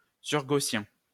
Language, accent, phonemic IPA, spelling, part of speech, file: French, France, /syʁ.ɡo.sjɛ̃/, surgaussien, adjective, LL-Q150 (fra)-surgaussien.wav
- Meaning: super-Gaussian